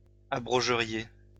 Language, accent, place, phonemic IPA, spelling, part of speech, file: French, France, Lyon, /a.bʁɔ.ʒə.ʁje/, abrogeriez, verb, LL-Q150 (fra)-abrogeriez.wav
- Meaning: second-person plural conditional of abroger